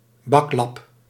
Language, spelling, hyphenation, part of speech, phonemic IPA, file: Dutch, baklap, bak‧lap, noun, /ˈbɑk.lɑp/, Nl-baklap.ogg
- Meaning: 1. cutlet, schnitzel (without bread crumbs) 2. loser, jerk, oaf